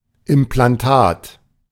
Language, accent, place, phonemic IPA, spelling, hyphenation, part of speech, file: German, Germany, Berlin, /ɪmplanˈtaːt/, Implantat, Im‧plan‧tat, noun, De-Implantat.ogg
- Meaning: implant (anything surgically implanted in the body)